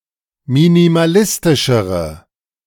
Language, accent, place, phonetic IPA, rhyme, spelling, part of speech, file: German, Germany, Berlin, [minimaˈlɪstɪʃəʁə], -ɪstɪʃəʁə, minimalistischere, adjective, De-minimalistischere.ogg
- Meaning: inflection of minimalistisch: 1. strong/mixed nominative/accusative feminine singular comparative degree 2. strong nominative/accusative plural comparative degree